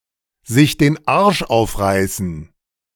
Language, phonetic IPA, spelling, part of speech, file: German, [zɪç deːn ˈaʁʃ ˈaʊ̯fˌʁaɪ̯sn̩], sich den Arsch aufreißen, phrase, De-sich den Arsch aufreißen.ogg